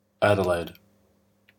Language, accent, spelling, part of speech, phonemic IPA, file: English, Australia, Adelaide, proper noun, /ˈæ.dɜ.læɪ̯d/, En-au-Adelaide.oga
- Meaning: 1. A female given name from the Germanic languages 2. Places named for Queen Adelaide, consort of William IV.: The state capital and largest city in South Australia, Australia